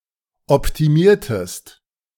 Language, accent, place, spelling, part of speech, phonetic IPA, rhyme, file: German, Germany, Berlin, optimiertest, verb, [ɔptiˈmiːɐ̯təst], -iːɐ̯təst, De-optimiertest.ogg
- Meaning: inflection of optimieren: 1. second-person singular preterite 2. second-person singular subjunctive II